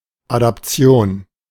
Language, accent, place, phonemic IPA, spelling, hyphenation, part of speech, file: German, Germany, Berlin, /adapˈt͡si̯oːn/, Adaption, Ad‧ap‧ti‧on, noun, De-Adaption.ogg
- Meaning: adaptation